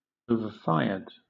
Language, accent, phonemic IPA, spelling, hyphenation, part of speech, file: English, Southern England, /ˌəʊvəˈfaɪəd/, overfired, o‧ver‧fir‧ed, adjective / verb, LL-Q1860 (eng)-overfired.wav
- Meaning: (adjective) 1. Fired at a high (or excessively high) temperature 2. Of a cooker: having a heat source that is above the food being cooked; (verb) simple past and past participle of overfire